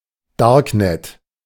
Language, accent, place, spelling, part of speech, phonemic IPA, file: German, Germany, Berlin, Darknet, noun, /ˈdaːɐ̯kˌnɛt/, De-Darknet.ogg
- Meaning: darknet